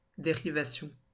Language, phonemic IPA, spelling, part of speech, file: French, /de.ʁi.va.sjɔ̃/, dérivation, noun, LL-Q150 (fra)-dérivation.wav
- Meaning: 1. diversion 2. derivation